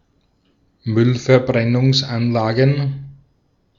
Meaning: plural of Müllverbrennungsanlage
- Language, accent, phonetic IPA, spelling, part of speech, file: German, Austria, [ˈmʏlfɛɐ̯bʁɛnʊŋsˌʔanlaːɡn̩], Müllverbrennungsanlagen, noun, De-at-Müllverbrennungsanlagen.ogg